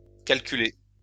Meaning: past participle of calculer
- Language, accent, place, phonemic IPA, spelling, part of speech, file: French, France, Lyon, /kal.ky.le/, calculé, verb, LL-Q150 (fra)-calculé.wav